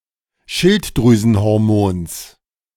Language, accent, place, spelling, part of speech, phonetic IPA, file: German, Germany, Berlin, Schilddrüsenhormons, noun, [ˈʃɪltdʁyːzn̩hɔʁˌmoːns], De-Schilddrüsenhormons.ogg
- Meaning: genitive singular of Schilddrüsenhormon